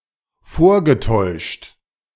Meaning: past participle of vortäuschen
- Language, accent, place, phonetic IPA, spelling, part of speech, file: German, Germany, Berlin, [ˈfoːɐ̯ɡəˌtɔɪ̯ʃt], vorgetäuscht, verb, De-vorgetäuscht.ogg